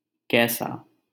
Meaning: what type of, what kind of
- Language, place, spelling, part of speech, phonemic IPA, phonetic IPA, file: Hindi, Delhi, कैसा, determiner, /kɛː.sɑː/, [kɛː.säː], LL-Q1568 (hin)-कैसा.wav